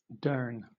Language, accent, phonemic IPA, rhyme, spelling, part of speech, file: English, Southern England, /dɜː(ɹ)n/, -ɜː(ɹ)n, durn, adjective / adverb / interjection / verb / noun, LL-Q1860 (eng)-durn.wav
- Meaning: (adjective) darn; damn; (adverb) Darn; damned; extremely; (verb) Rhoticized pronunciation of doing; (noun) 1. Alternative form of dern (“a doorpost”) 2. Abbreviation of duration